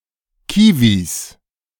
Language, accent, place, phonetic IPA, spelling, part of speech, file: German, Germany, Berlin, [ˈkiːviːs], Kiwis, noun, De-Kiwis.ogg
- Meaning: plural of Kiwi